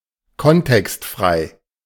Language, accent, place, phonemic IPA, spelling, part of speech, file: German, Germany, Berlin, /ˈkɔntɛkstˌfʁaɪ̯/, kontextfrei, adjective, De-kontextfrei.ogg
- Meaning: context-free